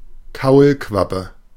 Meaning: tadpole, polliwog
- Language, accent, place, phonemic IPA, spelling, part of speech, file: German, Germany, Berlin, /ˈkaulˌkvapə/, Kaulquappe, noun, De-Kaulquappe.ogg